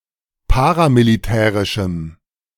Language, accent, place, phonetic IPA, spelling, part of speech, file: German, Germany, Berlin, [ˈpaːʁamiliˌtɛːʁɪʃm̩], paramilitärischem, adjective, De-paramilitärischem.ogg
- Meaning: strong dative masculine/neuter singular of paramilitärisch